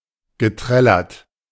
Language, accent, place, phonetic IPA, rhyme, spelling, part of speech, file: German, Germany, Berlin, [ɡəˈtʁɛlɐt], -ɛlɐt, geträllert, verb, De-geträllert.ogg
- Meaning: past participle of trällern